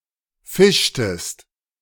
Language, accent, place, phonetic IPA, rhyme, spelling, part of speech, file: German, Germany, Berlin, [ˈfɪʃtəst], -ɪʃtəst, fischtest, verb, De-fischtest.ogg
- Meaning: inflection of fischen: 1. second-person singular preterite 2. second-person singular subjunctive II